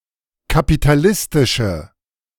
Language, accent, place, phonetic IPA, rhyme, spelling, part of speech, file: German, Germany, Berlin, [kapitaˈlɪstɪʃə], -ɪstɪʃə, kapitalistische, adjective, De-kapitalistische.ogg
- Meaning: inflection of kapitalistisch: 1. strong/mixed nominative/accusative feminine singular 2. strong nominative/accusative plural 3. weak nominative all-gender singular